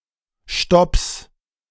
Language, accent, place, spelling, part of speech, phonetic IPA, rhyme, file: German, Germany, Berlin, Stopps, noun, [ʃtɔps], -ɔps, De-Stopps.ogg
- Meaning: plural of Stopp